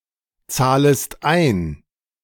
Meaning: second-person singular subjunctive I of einzahlen
- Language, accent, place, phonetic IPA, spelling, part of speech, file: German, Germany, Berlin, [ˌt͡saːləst ˈaɪ̯n], zahlest ein, verb, De-zahlest ein.ogg